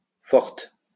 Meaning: feminine singular of fort
- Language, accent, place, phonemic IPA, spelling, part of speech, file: French, France, Lyon, /fɔʁt/, forte, adjective, LL-Q150 (fra)-forte.wav